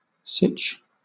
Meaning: An administrative and military centre for the Zaporozhian and Danube Cossacks
- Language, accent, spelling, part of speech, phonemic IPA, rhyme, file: English, Southern England, sich, noun, /siːt͡ʃ/, -iːtʃ, LL-Q1860 (eng)-sich.wav